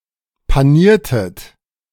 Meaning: inflection of panieren: 1. second-person plural preterite 2. second-person plural subjunctive II
- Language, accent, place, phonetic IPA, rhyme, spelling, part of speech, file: German, Germany, Berlin, [paˈniːɐ̯tət], -iːɐ̯tət, paniertet, verb, De-paniertet.ogg